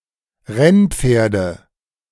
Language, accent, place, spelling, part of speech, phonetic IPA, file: German, Germany, Berlin, Rennpferde, noun, [ˈʁɛnˌp͡feːɐ̯də], De-Rennpferde.ogg
- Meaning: nominative/accusative/genitive plural of Rennpferd